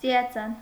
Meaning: 1. rainbow 2. iris
- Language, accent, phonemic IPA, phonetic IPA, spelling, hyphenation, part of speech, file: Armenian, Eastern Armenian, /t͡sijɑˈt͡sɑn/, [t͡sijɑt͡sɑ́n], ծիածան, ծի‧ա‧ծան, noun, Hy-ծիածան.ogg